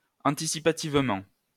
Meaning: anticipatorily
- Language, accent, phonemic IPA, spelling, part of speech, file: French, France, /ɑ̃.ti.si.pa.tiv.mɑ̃/, anticipativement, adverb, LL-Q150 (fra)-anticipativement.wav